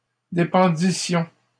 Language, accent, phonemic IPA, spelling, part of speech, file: French, Canada, /de.pɑ̃.di.sjɔ̃/, dépendissions, verb, LL-Q150 (fra)-dépendissions.wav
- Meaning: first-person plural imperfect subjunctive of dépendre